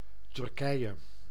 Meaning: Turkey (a country located in Eastern Thrace in Southeastern Europe and Anatolia in West Asia)
- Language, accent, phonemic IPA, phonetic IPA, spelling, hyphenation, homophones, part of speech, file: Dutch, Netherlands, /tʏrˈkɛi̯.(j)ə/, [tʏrˈkɛi̯.(j)ə], Turkije, Tur‧kije, Turkeye, proper noun, Nl-Turkije.ogg